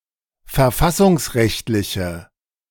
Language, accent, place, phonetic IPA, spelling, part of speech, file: German, Germany, Berlin, [fɛɐ̯ˈfasʊŋsˌʁɛçtlɪçə], verfassungsrechtliche, adjective, De-verfassungsrechtliche.ogg
- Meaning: inflection of verfassungsrechtlich: 1. strong/mixed nominative/accusative feminine singular 2. strong nominative/accusative plural 3. weak nominative all-gender singular